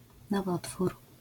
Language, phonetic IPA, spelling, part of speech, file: Polish, [nɔˈvɔtfur], nowotwór, noun, LL-Q809 (pol)-nowotwór.wav